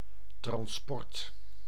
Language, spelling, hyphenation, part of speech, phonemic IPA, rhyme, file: Dutch, transport, trans‧port, noun, /trɑnsˈpɔrt/, -ɔrt, Nl-transport.ogg
- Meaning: transport